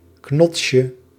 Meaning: diminutive of knots
- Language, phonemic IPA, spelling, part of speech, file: Dutch, /ˈknɔtʃə/, knotsje, noun, Nl-knotsje.ogg